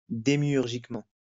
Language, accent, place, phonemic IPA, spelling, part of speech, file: French, France, Lyon, /de.mjyʁ.ʒik.mɑ̃/, démiurgiquement, adverb, LL-Q150 (fra)-démiurgiquement.wav
- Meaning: demiurgically